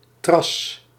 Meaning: 1. trass, ground tuff 2. bagasse (the residue from processing sugar cane after the juice is extracted)
- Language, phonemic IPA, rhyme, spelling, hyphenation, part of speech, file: Dutch, /trɑs/, -ɑs, tras, tras, noun, Nl-tras.ogg